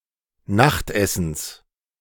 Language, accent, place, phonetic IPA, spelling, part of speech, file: German, Germany, Berlin, [ˈnaxtˌʔɛsn̩s], Nachtessens, noun, De-Nachtessens.ogg
- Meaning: genitive singular of Nachtessen